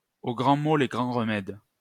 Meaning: desperate times call for desperate measures
- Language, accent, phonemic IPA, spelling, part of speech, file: French, France, /o ɡʁɑ̃ mo le ɡʁɑ̃ ʁ(ə).mɛd/, aux grands maux les grands remèdes, proverb, LL-Q150 (fra)-aux grands maux les grands remèdes.wav